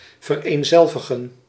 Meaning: to identify, to equate
- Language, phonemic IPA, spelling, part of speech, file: Dutch, /vər.eːnˈzɛl.və.ɣə(n)/, vereenzelvigen, verb, Nl-vereenzelvigen.ogg